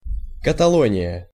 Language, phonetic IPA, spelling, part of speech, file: Russian, [kətɐˈɫonʲɪjə], Каталония, proper noun, Ru-Каталония.ogg
- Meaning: Catalonia (an autonomous community in northeast Spain)